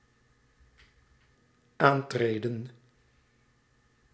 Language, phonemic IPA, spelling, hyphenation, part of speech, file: Dutch, /ˈaːntreːdə(n)/, aantreden, aan‧tre‧den, verb, Nl-aantreden.ogg
- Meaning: 1. to fall in (get into position) 2. to accept, to join (a position of office)